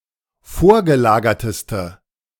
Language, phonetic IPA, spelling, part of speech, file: German, [ˈfoːɐ̯ɡəˌlaːɡɐtəstə], vorgelagerteste, adjective, De-vorgelagerteste.ogg